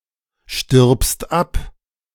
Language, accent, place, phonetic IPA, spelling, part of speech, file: German, Germany, Berlin, [ʃtɪʁpst ˈap], stirbst ab, verb, De-stirbst ab.ogg
- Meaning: second-person singular present of absterben